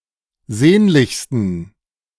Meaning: 1. superlative degree of sehnlich 2. inflection of sehnlich: strong genitive masculine/neuter singular superlative degree
- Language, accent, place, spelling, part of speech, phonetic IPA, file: German, Germany, Berlin, sehnlichsten, adjective, [ˈzeːnlɪçstn̩], De-sehnlichsten.ogg